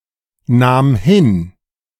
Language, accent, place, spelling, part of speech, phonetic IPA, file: German, Germany, Berlin, nahm hin, verb, [ˌnaːm ˈhɪn], De-nahm hin.ogg
- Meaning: first/third-person singular preterite of hinnehmen